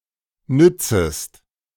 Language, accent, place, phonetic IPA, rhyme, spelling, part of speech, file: German, Germany, Berlin, [ˈnʏt͡səst], -ʏt͡səst, nützest, verb, De-nützest.ogg
- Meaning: second-person singular subjunctive I of nützen